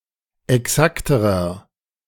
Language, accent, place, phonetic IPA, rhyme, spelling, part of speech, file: German, Germany, Berlin, [ɛˈksaktəʁɐ], -aktəʁɐ, exakterer, adjective, De-exakterer.ogg
- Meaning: inflection of exakt: 1. strong/mixed nominative masculine singular comparative degree 2. strong genitive/dative feminine singular comparative degree 3. strong genitive plural comparative degree